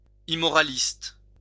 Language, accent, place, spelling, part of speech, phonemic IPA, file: French, France, Lyon, immoraliste, adjective / noun, /i.mɔ.ʁa.list/, LL-Q150 (fra)-immoraliste.wav
- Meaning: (adjective) immoralist